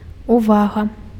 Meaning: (noun) 1. attention (concentration of thoughts, vision, hearing on something, direction of thoughts) 2. care (caring, sensitive attitude, attachment to someone, something)
- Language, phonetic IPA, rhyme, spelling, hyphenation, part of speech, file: Belarusian, [uˈvaɣa], -aɣa, увага, ува‧га, noun / interjection, Be-увага.ogg